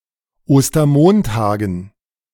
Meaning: dative plural of Ostermontag
- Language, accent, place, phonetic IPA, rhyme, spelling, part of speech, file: German, Germany, Berlin, [ˌoːstɐˈmoːntaːɡn̩], -oːntaːɡn̩, Ostermontagen, noun, De-Ostermontagen.ogg